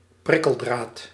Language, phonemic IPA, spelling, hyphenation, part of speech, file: Dutch, /ˈprɪ.kəlˌdraːt/, prikkeldraad, prik‧kel‧draad, noun, Nl-prikkeldraad.ogg
- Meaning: 1. barbed wire 2. a Chinese burn, an Indian sunburn (a pain stimulus created by twisting the skin of the arm in two different directions)